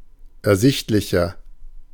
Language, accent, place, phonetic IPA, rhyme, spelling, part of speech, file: German, Germany, Berlin, [ɛɐ̯ˈzɪçtlɪçɐ], -ɪçtlɪçɐ, ersichtlicher, adjective, De-ersichtlicher.ogg
- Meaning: inflection of ersichtlich: 1. strong/mixed nominative masculine singular 2. strong genitive/dative feminine singular 3. strong genitive plural